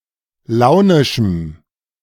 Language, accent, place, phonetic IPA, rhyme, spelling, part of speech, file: German, Germany, Berlin, [ˈlaʊ̯nɪʃm̩], -aʊ̯nɪʃm̩, launischem, adjective, De-launischem.ogg
- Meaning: strong dative masculine/neuter singular of launisch